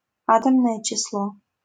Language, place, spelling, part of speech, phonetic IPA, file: Russian, Saint Petersburg, атомное число, noun, [ˈatəmnəjə t͡ɕɪsˈɫo], LL-Q7737 (rus)-атомное число.wav
- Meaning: atomic number (number of protons)